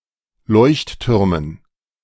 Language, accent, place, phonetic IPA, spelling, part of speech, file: German, Germany, Berlin, [ˈlɔɪ̯çtˌtʏʁmən], Leuchttürmen, noun, De-Leuchttürmen.ogg
- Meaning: dative plural of Leuchtturm